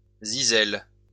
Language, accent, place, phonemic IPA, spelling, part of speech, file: French, France, Lyon, /zi.zɛl/, zyzel, noun, LL-Q150 (fra)-zyzel.wav
- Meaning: alternative form of zisel